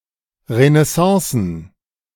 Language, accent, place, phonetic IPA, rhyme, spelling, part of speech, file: German, Germany, Berlin, [ʁənɛˈsɑ̃ːsn̩], -ɑ̃ːsn̩, Renaissancen, noun, De-Renaissancen.ogg
- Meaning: plural of Renaissance